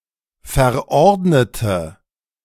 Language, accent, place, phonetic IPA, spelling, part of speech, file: German, Germany, Berlin, [fɛɐ̯ˈʔɔʁdnətə], verordnete, adjective / verb, De-verordnete.ogg
- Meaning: inflection of verordnet: 1. strong/mixed nominative/accusative feminine singular 2. strong nominative/accusative plural 3. weak nominative all-gender singular